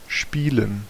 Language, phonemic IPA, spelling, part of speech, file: German, /ˈʃpiːlən/, spielen, verb, De-spielen.ogg
- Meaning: 1. to play (engage in some activity for fun or entertainment) 2. to play, to engage in (a game, a sport, etc.) 3. to play, to perform (a piece of music, a role in theater or a movie)